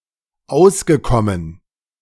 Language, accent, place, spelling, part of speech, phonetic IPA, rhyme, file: German, Germany, Berlin, ausgekommen, verb, [ˈaʊ̯sɡəˌkɔmən], -aʊ̯sɡəkɔmən, De-ausgekommen.ogg
- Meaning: past participle of auskommen